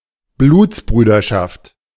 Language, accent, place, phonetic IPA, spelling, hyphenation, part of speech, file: German, Germany, Berlin, [ˈbluːt͡sˌbʁyːdɐʃaft], Blutsbrüderschaft, Bluts‧brü‧der‧schaft, noun, De-Blutsbrüderschaft.ogg
- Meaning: blood brother-hood